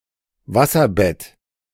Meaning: waterbed
- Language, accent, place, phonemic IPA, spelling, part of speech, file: German, Germany, Berlin, /ˈvasɐˌbɛt/, Wasserbett, noun, De-Wasserbett.ogg